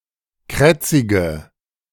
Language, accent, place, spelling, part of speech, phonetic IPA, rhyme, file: German, Germany, Berlin, krätzige, adjective, [ˈkʁɛt͡sɪɡə], -ɛt͡sɪɡə, De-krätzige.ogg
- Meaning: inflection of krätzig: 1. strong/mixed nominative/accusative feminine singular 2. strong nominative/accusative plural 3. weak nominative all-gender singular 4. weak accusative feminine/neuter singular